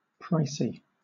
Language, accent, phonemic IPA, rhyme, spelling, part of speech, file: English, Southern England, /ˈpɹaɪsi/, -aɪsi, pricey, adjective, LL-Q1860 (eng)-pricey.wav
- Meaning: Expensive, dear